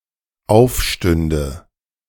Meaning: first/third-person singular dependent subjunctive II of aufstehen
- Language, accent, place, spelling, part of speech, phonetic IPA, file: German, Germany, Berlin, aufstünde, verb, [ˈaʊ̯fˌʃtʏndə], De-aufstünde.ogg